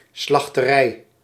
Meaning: slaughterhouse
- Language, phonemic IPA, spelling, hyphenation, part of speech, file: Dutch, /slɑxtəˈrɛi̯/, slachterij, slach‧te‧rij, noun, Nl-slachterij.ogg